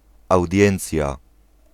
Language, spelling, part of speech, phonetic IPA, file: Polish, audiencja, noun, [awˈdʲjɛ̃nt͡sʲja], Pl-audiencja.ogg